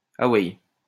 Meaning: alternative form of envoye
- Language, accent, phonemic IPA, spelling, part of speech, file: French, France, /a.wɛj/, aweille, interjection, LL-Q150 (fra)-aweille.wav